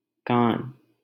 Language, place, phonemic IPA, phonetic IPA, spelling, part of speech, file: Hindi, Delhi, /kɑːn/, [kä̃ːn], कान, noun / proper noun, LL-Q1568 (hin)-कान.wav
- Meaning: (noun) ear; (proper noun) Cannes (a city in Alpes-Maritimes department, Provence-Alpes-Côte d'Azur, southeastern France)